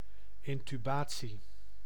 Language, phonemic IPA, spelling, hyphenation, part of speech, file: Dutch, /ˌɪn.tyˈbaː.(t)si/, intubatie, in‧tu‧ba‧tie, noun, Nl-intubatie.ogg
- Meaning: intubation